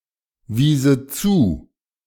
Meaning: first/third-person singular subjunctive II of zuweisen
- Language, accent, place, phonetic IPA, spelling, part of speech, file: German, Germany, Berlin, [ˌviːzə ˈt͡suː], wiese zu, verb, De-wiese zu.ogg